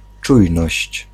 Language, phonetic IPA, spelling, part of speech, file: Polish, [ˈt͡ʃujnɔɕt͡ɕ], czujność, noun, Pl-czujność.ogg